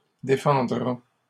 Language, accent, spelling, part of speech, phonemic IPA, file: French, Canada, défendra, verb, /de.fɑ̃.dʁa/, LL-Q150 (fra)-défendra.wav
- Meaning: third-person singular future of défendre